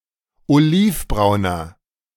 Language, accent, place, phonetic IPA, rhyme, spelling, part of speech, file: German, Germany, Berlin, [oˈliːfˌbʁaʊ̯nɐ], -iːfbʁaʊ̯nɐ, olivbrauner, adjective, De-olivbrauner.ogg
- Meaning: inflection of olivbraun: 1. strong/mixed nominative masculine singular 2. strong genitive/dative feminine singular 3. strong genitive plural